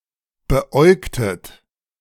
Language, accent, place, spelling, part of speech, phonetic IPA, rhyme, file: German, Germany, Berlin, beäugtet, verb, [bəˈʔɔɪ̯ktət], -ɔɪ̯ktət, De-beäugtet.ogg
- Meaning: inflection of beäugen: 1. second-person plural preterite 2. second-person plural subjunctive II